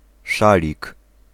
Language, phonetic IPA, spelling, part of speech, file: Polish, [ˈʃalʲik], szalik, noun, Pl-szalik.ogg